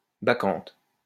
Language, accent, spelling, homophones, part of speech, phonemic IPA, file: French, France, bacchante, bacchantes, noun, /ba.kɑ̃t/, LL-Q150 (fra)-bacchante.wav
- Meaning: 1. bacchante 2. moustache